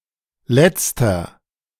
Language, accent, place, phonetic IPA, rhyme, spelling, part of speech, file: German, Germany, Berlin, [ˈlɛt͡stɐ], -ɛt͡stɐ, Letzter, noun, De-Letzter.ogg
- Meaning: 1. the last one (male or of unspecified gender) 2. inflection of Letzte: strong genitive/dative singular 3. inflection of Letzte: strong genitive plural